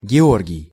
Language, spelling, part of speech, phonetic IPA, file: Russian, Георгий, proper noun, [ɡʲɪˈorɡʲɪj], Ru-Георгий.ogg
- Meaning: a male given name, Georgy, equivalent to English George